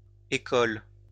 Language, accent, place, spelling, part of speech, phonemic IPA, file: French, France, Lyon, écholes, noun, /e.kɔl/, LL-Q150 (fra)-écholes.wav
- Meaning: plural of échole